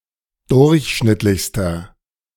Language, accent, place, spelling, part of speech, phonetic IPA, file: German, Germany, Berlin, durchschnittlichster, adjective, [ˈdʊʁçˌʃnɪtlɪçstɐ], De-durchschnittlichster.ogg
- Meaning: inflection of durchschnittlich: 1. strong/mixed nominative masculine singular superlative degree 2. strong genitive/dative feminine singular superlative degree